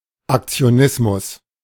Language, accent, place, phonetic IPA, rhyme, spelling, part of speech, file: German, Germany, Berlin, [akt͡si̯oˈnɪsmʊs], -ɪsmʊs, Aktionismus, noun, De-Aktionismus.ogg
- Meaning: actionism